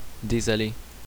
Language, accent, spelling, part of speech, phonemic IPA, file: French, Canada, désolé, adjective / interjection / verb, /de.zɔ.le/, Qc-désolé.ogg
- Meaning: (adjective) 1. desolate, forsaken 2. sorry; apologetic; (interjection) sorry (an apology); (verb) past participle of désoler